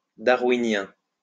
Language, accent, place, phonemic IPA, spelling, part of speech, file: French, France, Lyon, /da.ʁwi.njɛ̃/, darwinien, adjective, LL-Q150 (fra)-darwinien.wav
- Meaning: Darwinian